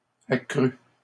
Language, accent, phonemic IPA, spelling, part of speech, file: French, Canada, /a.kʁy/, accru, verb, LL-Q150 (fra)-accru.wav
- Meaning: past participle of accroitre